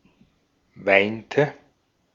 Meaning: inflection of weinen: 1. first/third-person singular preterite 2. first/third-person singular subjunctive II
- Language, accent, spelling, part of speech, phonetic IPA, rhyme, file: German, Austria, weinte, verb, [ˈvaɪ̯ntə], -aɪ̯ntə, De-at-weinte.ogg